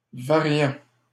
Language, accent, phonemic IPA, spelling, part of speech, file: French, Canada, /va.ʁjɑ̃/, variant, verb / adjective / noun, LL-Q150 (fra)-variant.wav
- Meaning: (verb) present participle of varier; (adjective) varied, which varies; variable; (noun) mutation, variant (of a virus)